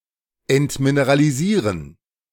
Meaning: to demineralize
- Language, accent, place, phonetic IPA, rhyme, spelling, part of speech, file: German, Germany, Berlin, [ɛntmineʁaliˈziːʁən], -iːʁən, entmineralisieren, verb, De-entmineralisieren.ogg